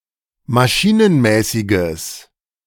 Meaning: strong/mixed nominative/accusative neuter singular of maschinenmäßig
- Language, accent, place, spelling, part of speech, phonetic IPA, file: German, Germany, Berlin, maschinenmäßiges, adjective, [maˈʃiːnənˌmɛːsɪɡəs], De-maschinenmäßiges.ogg